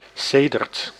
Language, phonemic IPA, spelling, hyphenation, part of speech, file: Dutch, /ˈseː.dərt/, sedert, se‧dert, conjunction / preposition, Nl-sedert.ogg
- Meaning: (conjunction) since